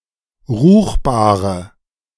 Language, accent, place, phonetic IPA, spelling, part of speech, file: German, Germany, Berlin, [ˈʁuːxbaːʁə], ruchbare, adjective, De-ruchbare.ogg
- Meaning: inflection of ruchbar: 1. strong/mixed nominative/accusative feminine singular 2. strong nominative/accusative plural 3. weak nominative all-gender singular 4. weak accusative feminine/neuter singular